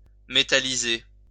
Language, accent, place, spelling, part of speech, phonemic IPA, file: French, France, Lyon, métalliser, verb, /me.ta.li.ze/, LL-Q150 (fra)-métalliser.wav
- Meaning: to metallize